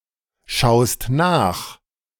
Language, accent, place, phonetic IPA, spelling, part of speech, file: German, Germany, Berlin, [ˌʃaʊ̯st ˈnaːx], schaust nach, verb, De-schaust nach.ogg
- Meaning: second-person singular present of nachschauen